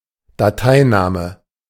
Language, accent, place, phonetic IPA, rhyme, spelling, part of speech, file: German, Germany, Berlin, [daˈtaɪ̯ˌnaːmə], -aɪ̯naːmə, Dateiname, noun, De-Dateiname.ogg
- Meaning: filename